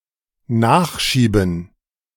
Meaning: 1. to push from behind 2. to add (i.e. to a message, statement, question)
- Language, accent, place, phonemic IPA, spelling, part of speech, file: German, Germany, Berlin, /ˈnaːxʃiːbn̩/, nachschieben, verb, De-nachschieben.ogg